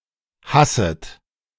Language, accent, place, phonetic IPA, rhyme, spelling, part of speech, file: German, Germany, Berlin, [ˈhasət], -asət, hasset, verb, De-hasset.ogg
- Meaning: second-person plural subjunctive I of hassen